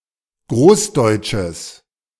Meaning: strong/mixed nominative/accusative neuter singular of großdeutsch
- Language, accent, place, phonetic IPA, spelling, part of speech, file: German, Germany, Berlin, [ˈɡʁoːsˌdɔɪ̯t͡ʃəs], großdeutsches, adjective, De-großdeutsches.ogg